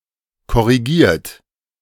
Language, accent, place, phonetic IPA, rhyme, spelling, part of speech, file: German, Germany, Berlin, [kɔʁiˈɡiːɐ̯t], -iːɐ̯t, korrigiert, verb, De-korrigiert.ogg
- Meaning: 1. past participle of korrigieren 2. inflection of korrigieren: third-person singular present 3. inflection of korrigieren: second-person plural present 4. inflection of korrigieren: plural imperative